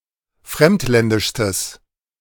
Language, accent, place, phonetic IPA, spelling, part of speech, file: German, Germany, Berlin, [ˈfʁɛmtˌlɛndɪʃstəs], fremdländischstes, adjective, De-fremdländischstes.ogg
- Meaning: strong/mixed nominative/accusative neuter singular superlative degree of fremdländisch